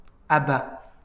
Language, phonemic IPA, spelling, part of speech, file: French, /a.ba/, abat, verb / noun, LL-Q150 (fra)-abat.wav
- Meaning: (verb) third-person singular present indicative of abattre; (noun) giblet